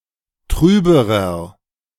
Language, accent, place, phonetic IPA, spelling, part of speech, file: German, Germany, Berlin, [ˈtʁyːbəʁɐ], trüberer, adjective, De-trüberer.ogg
- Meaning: inflection of trüb: 1. strong/mixed nominative masculine singular comparative degree 2. strong genitive/dative feminine singular comparative degree 3. strong genitive plural comparative degree